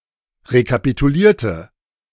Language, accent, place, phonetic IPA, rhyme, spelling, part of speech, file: German, Germany, Berlin, [ʁekapituˈliːɐ̯tə], -iːɐ̯tə, rekapitulierte, adjective / verb, De-rekapitulierte.ogg
- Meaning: inflection of rekapitulieren: 1. first/third-person singular preterite 2. first/third-person singular subjunctive II